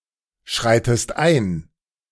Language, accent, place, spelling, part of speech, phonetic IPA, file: German, Germany, Berlin, schreitest ein, verb, [ˌʃʁaɪ̯təst ˈaɪ̯n], De-schreitest ein.ogg
- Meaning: inflection of einschreiten: 1. second-person singular present 2. second-person singular subjunctive I